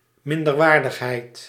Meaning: inferiority
- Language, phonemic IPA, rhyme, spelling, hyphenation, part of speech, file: Dutch, /ˌmɪn.dərˈʋaːr.dəx.ɦɛi̯t/, -aːrdəxɦɛi̯t, minderwaardigheid, min‧der‧waar‧dig‧heid, noun, Nl-minderwaardigheid.ogg